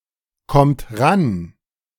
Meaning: inflection of rankommen: 1. third-person singular present 2. second-person plural present 3. plural imperative
- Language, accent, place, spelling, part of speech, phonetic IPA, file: German, Germany, Berlin, kommt ran, verb, [ˌkɔmt ˈʁan], De-kommt ran.ogg